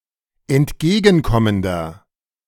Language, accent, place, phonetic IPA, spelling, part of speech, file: German, Germany, Berlin, [ɛntˈɡeːɡn̩ˌkɔməndɐ], entgegenkommender, adjective, De-entgegenkommender.ogg
- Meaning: 1. comparative degree of entgegenkommend 2. inflection of entgegenkommend: strong/mixed nominative masculine singular 3. inflection of entgegenkommend: strong genitive/dative feminine singular